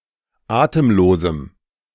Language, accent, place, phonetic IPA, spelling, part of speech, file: German, Germany, Berlin, [ˈaːtəmˌloːzm̩], atemlosem, adjective, De-atemlosem.ogg
- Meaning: strong dative masculine/neuter singular of atemlos